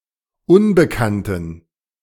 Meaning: inflection of unbekannt: 1. strong genitive masculine/neuter singular 2. weak/mixed genitive/dative all-gender singular 3. strong/weak/mixed accusative masculine singular 4. strong dative plural
- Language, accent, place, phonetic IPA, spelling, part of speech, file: German, Germany, Berlin, [ˈʊnbəkantn̩], unbekannten, adjective, De-unbekannten.ogg